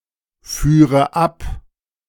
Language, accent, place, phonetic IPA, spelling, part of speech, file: German, Germany, Berlin, [ˌfyːʁə ˈap], führe ab, verb, De-führe ab.ogg
- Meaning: first/third-person singular subjunctive II of abfahren